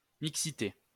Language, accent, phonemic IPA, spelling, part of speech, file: French, France, /mik.si.te/, mixité, noun, LL-Q150 (fra)-mixité.wav
- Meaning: 1. mix 2. mixed-sex education 3. diversity